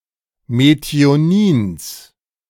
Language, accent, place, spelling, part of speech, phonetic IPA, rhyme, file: German, Germany, Berlin, Methionins, noun, [meti̯oˈniːns], -iːns, De-Methionins.ogg
- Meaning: genitive singular of Methionin